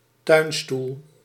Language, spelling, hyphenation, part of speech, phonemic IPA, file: Dutch, tuinstoel, tuin‧stoel, noun, /ˈtœy̯n.stul/, Nl-tuinstoel.ogg
- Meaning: garden chair (chair suited for outdoor use, commonly used in gardens)